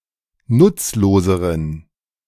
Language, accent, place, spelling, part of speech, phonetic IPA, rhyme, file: German, Germany, Berlin, nutzloseren, adjective, [ˈnʊt͡sloːzəʁən], -ʊt͡sloːzəʁən, De-nutzloseren.ogg
- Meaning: inflection of nutzlos: 1. strong genitive masculine/neuter singular comparative degree 2. weak/mixed genitive/dative all-gender singular comparative degree